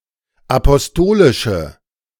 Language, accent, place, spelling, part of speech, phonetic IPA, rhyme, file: German, Germany, Berlin, apostolische, adjective, [apɔsˈtoːlɪʃə], -oːlɪʃə, De-apostolische.ogg
- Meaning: inflection of apostolisch: 1. strong/mixed nominative/accusative feminine singular 2. strong nominative/accusative plural 3. weak nominative all-gender singular